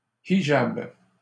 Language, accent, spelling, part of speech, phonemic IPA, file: French, Canada, hijab, noun, /i.ʒab/, LL-Q150 (fra)-hijab.wav
- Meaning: alternative spelling of hidjab